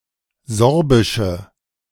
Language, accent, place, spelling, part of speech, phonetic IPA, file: German, Germany, Berlin, sorbische, adjective, [ˈzɔʁbɪʃə], De-sorbische.ogg
- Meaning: inflection of sorbisch: 1. strong/mixed nominative/accusative feminine singular 2. strong nominative/accusative plural 3. weak nominative all-gender singular